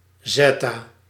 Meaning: zetta- (10²¹)
- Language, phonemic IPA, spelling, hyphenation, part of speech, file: Dutch, /ˈzɛ.taː-/, zetta-, zet‧ta-, prefix, Nl-zetta-.ogg